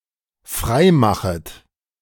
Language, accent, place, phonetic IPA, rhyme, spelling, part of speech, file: German, Germany, Berlin, [ˈfʁaɪ̯ˌmaxət], -aɪ̯maxət, freimachet, verb, De-freimachet.ogg
- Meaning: second-person plural dependent subjunctive I of freimachen